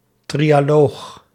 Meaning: trialogue; an informal negotiating meeting between representatives of the European Commission, European Council and the European Parliament in order to arrive at a compromise for a law proposal
- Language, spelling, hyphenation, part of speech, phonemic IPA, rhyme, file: Dutch, trialoog, tri‧a‧loog, noun, /ˌtri.aːˈloːx/, -oːx, Nl-trialoog.ogg